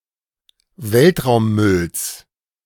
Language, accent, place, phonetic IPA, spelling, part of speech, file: German, Germany, Berlin, [ˈvɛltʁaʊ̯mˌmʏls], Weltraummülls, noun, De-Weltraummülls.ogg
- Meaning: genitive singular of Weltraummüll